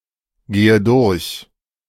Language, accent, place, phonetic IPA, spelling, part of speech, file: German, Germany, Berlin, [ˌɡeːə ˈdʊʁç], gehe durch, verb, De-gehe durch.ogg
- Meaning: inflection of durchgehen: 1. first-person singular present 2. first/third-person singular subjunctive I 3. singular imperative